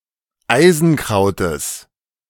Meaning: genitive singular of Eisenkraut
- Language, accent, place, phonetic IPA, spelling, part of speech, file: German, Germany, Berlin, [ˈaɪ̯zn̩ˌkʁaʊ̯təs], Eisenkrautes, noun, De-Eisenkrautes.ogg